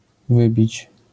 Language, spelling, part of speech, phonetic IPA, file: Polish, wybić, verb, [ˈvɨbʲit͡ɕ], LL-Q809 (pol)-wybić.wav